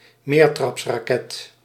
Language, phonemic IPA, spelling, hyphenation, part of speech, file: Dutch, /ˈmeːr.trɑps.raːˌkɛt/, meertrapsraket, meer‧traps‧ra‧ket, noun, Nl-meertrapsraket.ogg
- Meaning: 1. multistage rocket 2. something (process, plan, etc.) consisting of multiple distinct stages